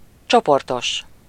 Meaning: group-, collective
- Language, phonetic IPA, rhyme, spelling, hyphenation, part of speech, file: Hungarian, [ˈt͡ʃoportoʃ], -oʃ, csoportos, cso‧por‧tos, adjective, Hu-csoportos.ogg